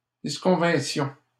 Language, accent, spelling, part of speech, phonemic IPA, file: French, Canada, disconvinssions, verb, /dis.kɔ̃.vɛ̃.sjɔ̃/, LL-Q150 (fra)-disconvinssions.wav
- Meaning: first-person plural imperfect subjunctive of disconvenir